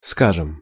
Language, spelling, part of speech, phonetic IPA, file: Russian, скажем, verb / adverb, [ˈskaʐɨm], Ru-скажем.ogg
- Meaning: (verb) first-person plural perfective future indicative of сказа́ть (skazátʹ); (adverb) say, (let's) assume